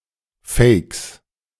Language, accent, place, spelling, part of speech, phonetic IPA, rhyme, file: German, Germany, Berlin, Fakes, noun, [fɛɪ̯ks], -ɛɪ̯ks, De-Fakes.ogg
- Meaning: plural of Fake